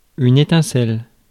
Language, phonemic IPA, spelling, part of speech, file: French, /e.tɛ̃.sɛl/, étincelle, noun, Fr-étincelle.ogg
- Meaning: spark